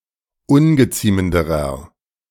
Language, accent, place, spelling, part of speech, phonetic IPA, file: German, Germany, Berlin, ungeziemenderer, adjective, [ˈʊnɡəˌt͡siːməndəʁɐ], De-ungeziemenderer.ogg
- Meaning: inflection of ungeziemend: 1. strong/mixed nominative masculine singular comparative degree 2. strong genitive/dative feminine singular comparative degree 3. strong genitive plural comparative degree